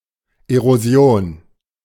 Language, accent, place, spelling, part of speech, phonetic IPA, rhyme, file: German, Germany, Berlin, Erosion, noun, [eʁoˈzi̯oːn], -oːn, De-Erosion.ogg
- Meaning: erosion